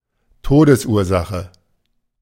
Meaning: cause of death
- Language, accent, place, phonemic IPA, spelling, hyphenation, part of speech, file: German, Germany, Berlin, /ˈtoːdəsˌʔuːɐ̯zaxə/, Todesursache, To‧des‧ur‧sache, noun, De-Todesursache.ogg